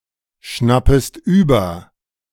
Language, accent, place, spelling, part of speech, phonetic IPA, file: German, Germany, Berlin, schnappest über, verb, [ˌʃnapəst ˈyːbɐ], De-schnappest über.ogg
- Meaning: second-person singular subjunctive I of überschnappen